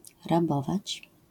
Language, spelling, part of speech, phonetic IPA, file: Polish, rabować, verb, [raˈbɔvat͡ɕ], LL-Q809 (pol)-rabować.wav